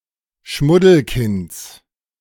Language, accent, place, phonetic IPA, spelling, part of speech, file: German, Germany, Berlin, [ˈʃmʊdl̩ˌkɪnt͡s], Schmuddelkinds, noun, De-Schmuddelkinds.ogg
- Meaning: genitive singular of Schmuddelkind